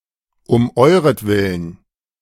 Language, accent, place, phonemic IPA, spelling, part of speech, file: German, Germany, Berlin, /ʊm ˈɔɪ̯ʁətˌvɪlən/, um euretwillen, adverb, De-um euretwillen.ogg
- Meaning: for your sake, for the sake of you-all